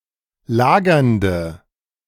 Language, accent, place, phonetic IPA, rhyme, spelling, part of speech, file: German, Germany, Berlin, [ˈlaːɡɐndə], -aːɡɐndə, lagernde, adjective, De-lagernde.ogg
- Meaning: inflection of lagernd: 1. strong/mixed nominative/accusative feminine singular 2. strong nominative/accusative plural 3. weak nominative all-gender singular 4. weak accusative feminine/neuter singular